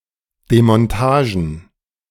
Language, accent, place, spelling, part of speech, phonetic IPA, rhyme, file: German, Germany, Berlin, Demontagen, noun, [demɔnˈtaːʒn̩], -aːʒn̩, De-Demontagen.ogg
- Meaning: plural of Demontage